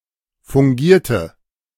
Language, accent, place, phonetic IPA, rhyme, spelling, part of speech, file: German, Germany, Berlin, [fʊŋˈɡiːɐ̯tə], -iːɐ̯tə, fungierte, verb, De-fungierte.ogg
- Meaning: inflection of fungieren: 1. first/third-person singular preterite 2. first/third-person singular subjunctive II